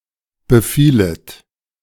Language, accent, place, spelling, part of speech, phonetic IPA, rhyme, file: German, Germany, Berlin, befielet, verb, [bəˈfiːlət], -iːlət, De-befielet.ogg
- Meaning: second-person plural subjunctive I of befallen